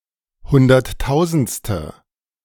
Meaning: hundred thousandth
- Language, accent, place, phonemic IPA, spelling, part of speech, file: German, Germany, Berlin, /ˈhʊndɐtˌtaʊ̯zn̩t͡stə/, hunderttausendste, adjective, De-hunderttausendste.ogg